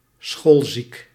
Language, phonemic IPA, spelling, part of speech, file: Dutch, /ˈsxoːl.zik/, schoolziek, adjective, Nl-schoolziek.ogg
- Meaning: feigning illness (in order to avoid having to go to school)